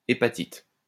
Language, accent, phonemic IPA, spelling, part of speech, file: French, France, /e.pa.tit/, hépatite, noun, LL-Q150 (fra)-hépatite.wav
- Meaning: hepatitis (inflammation of the liver)